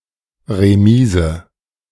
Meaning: carriage house
- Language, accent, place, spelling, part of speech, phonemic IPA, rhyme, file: German, Germany, Berlin, Remise, noun, /reˈmiːzə/, -iːzə, De-Remise.ogg